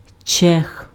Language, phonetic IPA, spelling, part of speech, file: Ukrainian, [t͡ʃɛx], чех, noun, Uk-чех.ogg
- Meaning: male Czech (person)